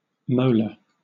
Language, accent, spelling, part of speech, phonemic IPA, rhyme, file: English, Southern England, molar, noun / adjective, /məʊlə(ɹ)/, -əʊlə(ɹ), LL-Q1860 (eng)-molar.wav
- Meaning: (noun) A back tooth having a broad surface used for grinding one's food; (adjective) Of or relating to the molar teeth, or to grinding